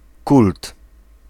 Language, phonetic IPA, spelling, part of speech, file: Polish, [kult], kult, noun, Pl-kult.ogg